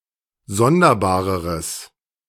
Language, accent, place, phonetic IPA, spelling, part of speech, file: German, Germany, Berlin, [ˈzɔndɐˌbaːʁəʁəs], sonderbareres, adjective, De-sonderbareres.ogg
- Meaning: strong/mixed nominative/accusative neuter singular comparative degree of sonderbar